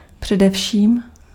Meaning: above all
- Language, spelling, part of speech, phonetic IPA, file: Czech, především, adverb, [ˈpr̝̊ɛdɛfʃiːm], Cs-především.ogg